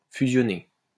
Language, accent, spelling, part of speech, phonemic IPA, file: French, France, fusionner, verb, /fy.zjɔ.ne/, LL-Q150 (fra)-fusionner.wav
- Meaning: to fuse, to meld